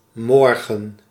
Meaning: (adverb) tomorrow; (noun) morning; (interjection) clipping of goedemorgen
- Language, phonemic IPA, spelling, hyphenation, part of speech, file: Dutch, /ˈmɔrɣə(n)/, morgen, mor‧gen, adverb / noun / interjection, Nl-morgen.ogg